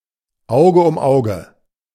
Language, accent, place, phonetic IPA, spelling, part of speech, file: German, Germany, Berlin, [ˈaʊ̯ɡə ʊm ˈaʊ̯ɡə], Auge um Auge, proverb, De-Auge um Auge.ogg
- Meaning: eye for an eye